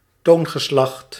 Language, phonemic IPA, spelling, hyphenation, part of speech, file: Dutch, /ˈtoːn.ɣəˌslɑxt/, toongeslacht, toon‧ge‧slacht, noun, Nl-toongeslacht.ogg
- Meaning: mode (major scale or minor scale)